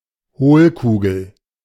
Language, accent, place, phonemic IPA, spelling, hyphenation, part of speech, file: German, Germany, Berlin, /ˈhoːlˌkuːɡl̩/, Hohlkugel, Hohl‧ku‧gel, noun, De-Hohlkugel.ogg
- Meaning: hollow sphere or ball